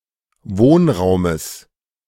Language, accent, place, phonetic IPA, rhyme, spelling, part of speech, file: German, Germany, Berlin, [ˈvoːnˌʁaʊ̯məs], -oːnʁaʊ̯məs, Wohnraumes, noun, De-Wohnraumes.ogg
- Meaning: genitive singular of Wohnraum